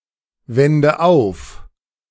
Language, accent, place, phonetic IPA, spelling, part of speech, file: German, Germany, Berlin, [ˌvɛndə ˈaʊ̯f], wende auf, verb, De-wende auf.ogg
- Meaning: inflection of aufwenden: 1. first-person singular present 2. first/third-person singular subjunctive I 3. singular imperative